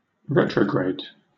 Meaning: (adjective) 1. Directed or moving backwards in relation to the normal or previous direction of travel; retreating 2. Reverting to an inferior or less developed state; declining, regressing
- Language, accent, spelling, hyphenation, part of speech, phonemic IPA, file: English, Southern England, retrograde, re‧tro‧grade, adjective / adverb / noun / verb, /ˈɹɛtɹə(ʊ)ɡɹeɪd/, LL-Q1860 (eng)-retrograde.wav